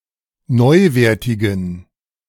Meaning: inflection of neuwertig: 1. strong genitive masculine/neuter singular 2. weak/mixed genitive/dative all-gender singular 3. strong/weak/mixed accusative masculine singular 4. strong dative plural
- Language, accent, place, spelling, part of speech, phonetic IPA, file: German, Germany, Berlin, neuwertigen, adjective, [ˈnɔɪ̯ˌveːɐ̯tɪɡn̩], De-neuwertigen.ogg